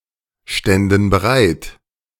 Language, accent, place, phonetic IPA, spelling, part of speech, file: German, Germany, Berlin, [ˌʃtɛndn̩ bəˈʁaɪ̯t], ständen bereit, verb, De-ständen bereit.ogg
- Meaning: first/third-person plural subjunctive II of bereitstehen